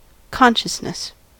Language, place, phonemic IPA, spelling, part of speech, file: English, California, /ˈkɑnʃəsnəs/, consciousness, noun, En-us-consciousness.ogg
- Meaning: 1. The state of being conscious or aware; awareness 2. The state of being conscious or aware; awareness.: The state or trait of having cognition and sensation; cognition and sensation themselves